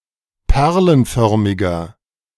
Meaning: inflection of perlenförmig: 1. strong/mixed nominative masculine singular 2. strong genitive/dative feminine singular 3. strong genitive plural
- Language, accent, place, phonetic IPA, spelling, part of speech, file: German, Germany, Berlin, [ˈpɛʁlənˌfœʁmɪɡɐ], perlenförmiger, adjective, De-perlenförmiger.ogg